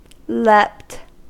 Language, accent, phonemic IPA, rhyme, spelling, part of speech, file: English, US, /lɛpt/, -ɛpt, leapt, verb, En-us-leapt.ogg
- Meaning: simple past and past participle of leap